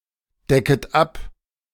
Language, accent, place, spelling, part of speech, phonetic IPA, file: German, Germany, Berlin, decket ab, verb, [ˌdɛkət ˈap], De-decket ab.ogg
- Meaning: second-person plural subjunctive I of abdecken